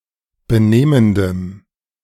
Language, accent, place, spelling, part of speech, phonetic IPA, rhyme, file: German, Germany, Berlin, benehmendem, adjective, [bəˈneːməndəm], -eːməndəm, De-benehmendem.ogg
- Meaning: strong dative masculine/neuter singular of benehmend